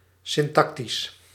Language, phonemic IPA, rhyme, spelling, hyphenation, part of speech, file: Dutch, /ˌsɪnˈtɑk.tis/, -ɑktis, syntactisch, syn‧tac‧tisch, adjective, Nl-syntactisch.ogg
- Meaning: syntactical